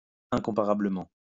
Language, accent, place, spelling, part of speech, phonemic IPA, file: French, France, Lyon, incomparablement, adverb, /ɛ̃.kɔ̃.pa.ʁa.blə.mɑ̃/, LL-Q150 (fra)-incomparablement.wav
- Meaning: incomparably